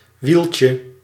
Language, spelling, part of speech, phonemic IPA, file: Dutch, wieltje, noun, /ˈwilcə/, Nl-wieltje.ogg
- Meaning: diminutive of wiel